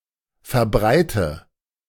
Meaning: inflection of verbreiten: 1. first-person singular present 2. first/third-person singular subjunctive I 3. singular imperative
- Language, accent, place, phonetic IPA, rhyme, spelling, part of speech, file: German, Germany, Berlin, [fɛɐ̯ˈbʁaɪ̯tə], -aɪ̯tə, verbreite, verb, De-verbreite.ogg